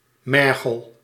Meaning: marl
- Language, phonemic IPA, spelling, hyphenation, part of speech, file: Dutch, /ˈmɛrɣəl/, mergel, mer‧gel, noun, Nl-mergel.ogg